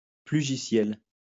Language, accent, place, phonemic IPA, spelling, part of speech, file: French, France, Lyon, /ply.ʒi.sjɛl/, plugiciel, noun / adjective, LL-Q150 (fra)-plugiciel.wav
- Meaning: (noun) plug-in (computer program addon); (adjective) plug-in